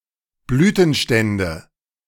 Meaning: nominative/accusative/genitive plural of Blütenstand
- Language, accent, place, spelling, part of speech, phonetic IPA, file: German, Germany, Berlin, Blütenstände, noun, [ˈblyːtn̩ˌʃtɛndə], De-Blütenstände.ogg